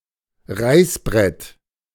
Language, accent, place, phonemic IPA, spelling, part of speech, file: German, Germany, Berlin, /ˈʁaɪ̯sˌbʁɛt/, Reißbrett, noun, De-Reißbrett.ogg
- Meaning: drawing board